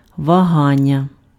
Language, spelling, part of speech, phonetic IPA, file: Ukrainian, вагання, noun, [ʋɐˈɦanʲːɐ], Uk-вагання.ogg
- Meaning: 1. verbal noun of вага́тися impf (vahátysja) 2. hesitation, hesitancy, vacillation, wavering